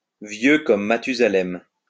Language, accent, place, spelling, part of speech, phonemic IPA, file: French, France, Lyon, vieux comme Mathusalem, adjective, /vjø kɔm ma.ty.za.lɛm/, LL-Q150 (fra)-vieux comme Mathusalem.wav
- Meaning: older than dirt